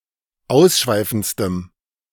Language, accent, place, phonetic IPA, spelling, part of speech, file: German, Germany, Berlin, [ˈaʊ̯sˌʃvaɪ̯fn̩t͡stəm], ausschweifendstem, adjective, De-ausschweifendstem.ogg
- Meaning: strong dative masculine/neuter singular superlative degree of ausschweifend